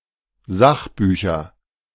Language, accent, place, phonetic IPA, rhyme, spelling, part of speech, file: German, Germany, Berlin, [ˈzaxˌbyːçɐ], -axbyːçɐ, Sachbücher, noun, De-Sachbücher.ogg
- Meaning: nominative/accusative/genitive plural of Sachbuch